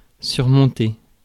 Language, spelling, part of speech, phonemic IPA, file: French, surmonter, verb, /syʁ.mɔ̃.te/, Fr-surmonter.ogg
- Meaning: 1. to overcome, to surmount, to get over 2. to top, to crown (a building, etc.)